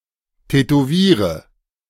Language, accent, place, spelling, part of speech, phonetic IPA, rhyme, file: German, Germany, Berlin, tätowiere, verb, [tɛtoˈviːʁə], -iːʁə, De-tätowiere.ogg
- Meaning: inflection of tätowieren: 1. first-person singular present 2. first/third-person singular subjunctive I 3. singular imperative